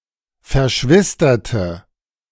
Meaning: inflection of verschwistert: 1. strong/mixed nominative/accusative feminine singular 2. strong nominative/accusative plural 3. weak nominative all-gender singular
- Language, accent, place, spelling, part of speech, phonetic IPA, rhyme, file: German, Germany, Berlin, verschwisterte, adjective / verb, [fɛɐ̯ˈʃvɪstɐtə], -ɪstɐtə, De-verschwisterte.ogg